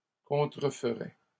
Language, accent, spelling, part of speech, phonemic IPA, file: French, Canada, contreferais, verb, /kɔ̃.tʁə.f(ə).ʁɛ/, LL-Q150 (fra)-contreferais.wav
- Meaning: first/second-person singular conditional of contrefaire